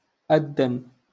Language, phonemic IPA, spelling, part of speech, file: Moroccan Arabic, /ʔad.dan/, أدن, verb, LL-Q56426 (ary)-أدن.wav
- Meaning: to call to prayer